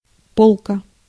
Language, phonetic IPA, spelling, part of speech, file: Russian, [ˈpoɫkə], полка, noun, Ru-полка.ogg
- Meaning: 1. shelf 2. berth 3. flash pan